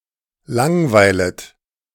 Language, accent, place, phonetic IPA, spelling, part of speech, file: German, Germany, Berlin, [ˈlaŋˌvaɪ̯lət], langweilet, verb, De-langweilet.ogg
- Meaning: second-person plural subjunctive I of langweilen